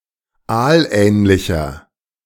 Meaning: inflection of aalähnlich: 1. strong/mixed nominative masculine singular 2. strong genitive/dative feminine singular 3. strong genitive plural
- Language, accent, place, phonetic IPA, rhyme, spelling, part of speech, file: German, Germany, Berlin, [ˈaːlˌʔɛːnlɪçɐ], -aːlʔɛːnlɪçɐ, aalähnlicher, adjective, De-aalähnlicher.ogg